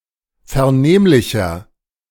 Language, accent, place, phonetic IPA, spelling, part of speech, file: German, Germany, Berlin, [fɛɐ̯ˈneːmlɪçɐ], vernehmlicher, adjective, De-vernehmlicher.ogg
- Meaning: 1. comparative degree of vernehmlich 2. inflection of vernehmlich: strong/mixed nominative masculine singular 3. inflection of vernehmlich: strong genitive/dative feminine singular